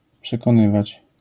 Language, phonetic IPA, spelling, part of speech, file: Polish, [ˌpʃɛkɔ̃ˈnɨvat͡ɕ], przekonywać, verb, LL-Q809 (pol)-przekonywać.wav